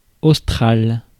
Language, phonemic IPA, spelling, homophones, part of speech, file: French, /os.tʁal/, austral, australe / australes, adjective, Fr-austral.ogg
- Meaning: austral